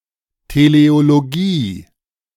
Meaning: teleology
- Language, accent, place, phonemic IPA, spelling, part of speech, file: German, Germany, Berlin, /te.le.o.loˈɡi/, Teleologie, noun, De-Teleologie.ogg